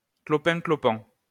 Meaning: hobbling, limping
- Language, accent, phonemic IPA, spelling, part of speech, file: French, France, /klɔ.pɛ̃.klɔ.pɑ̃/, clopin-clopant, adverb, LL-Q150 (fra)-clopin-clopant.wav